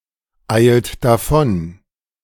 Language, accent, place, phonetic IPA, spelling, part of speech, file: German, Germany, Berlin, [ˌaɪ̯lt daˈfɔn], eilt davon, verb, De-eilt davon.ogg
- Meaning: inflection of davoneilen: 1. second-person plural present 2. third-person singular present 3. plural imperative